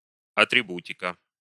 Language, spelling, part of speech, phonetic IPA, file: Russian, атрибутика, noun, [ɐtrʲɪˈbutʲɪkə], Ru-атрибутика.ogg
- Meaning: set of attributes